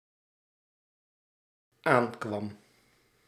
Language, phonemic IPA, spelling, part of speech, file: Dutch, /ˈaŋkwɑm/, aankwam, verb, Nl-aankwam.ogg
- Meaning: singular dependent-clause past indicative of aankomen